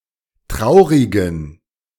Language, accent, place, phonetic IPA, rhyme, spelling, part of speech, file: German, Germany, Berlin, [ˈtʁaʊ̯ʁɪɡn̩], -aʊ̯ʁɪɡn̩, traurigen, adjective, De-traurigen.ogg
- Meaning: inflection of traurig: 1. strong genitive masculine/neuter singular 2. weak/mixed genitive/dative all-gender singular 3. strong/weak/mixed accusative masculine singular 4. strong dative plural